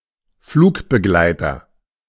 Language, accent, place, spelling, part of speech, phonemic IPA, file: German, Germany, Berlin, Flugbegleiter, noun, /ˈfluːkbəˌɡlaɪ̯tɐ/, De-Flugbegleiter.ogg
- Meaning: flight attendant, steward, cabin attendant (male or of unspecified gender) (member of the crew of an airplane who is responsible for the comfort and safety of its passengers)